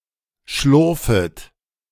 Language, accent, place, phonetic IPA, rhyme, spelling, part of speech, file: German, Germany, Berlin, [ˈʃlʊʁfət], -ʊʁfət, schlurfet, verb, De-schlurfet.ogg
- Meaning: second-person plural subjunctive I of schlurfen